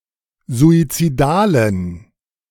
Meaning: inflection of suizidal: 1. strong genitive masculine/neuter singular 2. weak/mixed genitive/dative all-gender singular 3. strong/weak/mixed accusative masculine singular 4. strong dative plural
- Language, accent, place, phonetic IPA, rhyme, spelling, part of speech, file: German, Germany, Berlin, [zuit͡siˈdaːlən], -aːlən, suizidalen, adjective, De-suizidalen.ogg